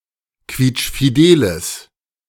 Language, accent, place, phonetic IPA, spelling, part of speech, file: German, Germany, Berlin, [ˈkviːt͡ʃfiˌdeːləs], quietschfideles, adjective, De-quietschfideles.ogg
- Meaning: strong/mixed nominative/accusative neuter singular of quietschfidel